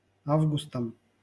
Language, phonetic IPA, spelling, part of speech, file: Russian, [ˈavɡʊstəm], августам, noun, LL-Q7737 (rus)-августам.wav
- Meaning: dative plural of а́вгуст (ávgust)